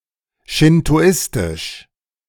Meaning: Shinto; Shintoist
- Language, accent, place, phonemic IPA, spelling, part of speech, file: German, Germany, Berlin, /ʃɪntoˈʔɪstɪʃ/, schintoistisch, adjective, De-schintoistisch.ogg